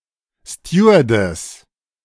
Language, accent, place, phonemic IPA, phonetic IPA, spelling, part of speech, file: German, Germany, Berlin, /ˈstjuː.ərˌdɛs/, [ˈstjuː.ɐˌdɛs], Stewardess, noun, De-Stewardess.ogg
- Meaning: stewardess